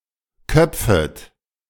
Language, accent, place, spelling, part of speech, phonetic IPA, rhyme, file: German, Germany, Berlin, köpfet, verb, [ˈkœp͡fət], -œp͡fət, De-köpfet.ogg
- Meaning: second-person plural subjunctive I of köpfen